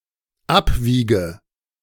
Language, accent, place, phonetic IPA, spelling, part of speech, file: German, Germany, Berlin, [ˈapˌviːɡə], abwiege, verb, De-abwiege.ogg
- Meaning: inflection of abwiegen: 1. first-person singular dependent present 2. first/third-person singular dependent subjunctive I